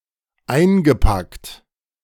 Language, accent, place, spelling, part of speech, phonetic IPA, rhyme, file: German, Germany, Berlin, eingepackt, verb, [ˈaɪ̯nɡəˌpakt], -aɪ̯nɡəpakt, De-eingepackt.ogg
- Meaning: past participle of einpacken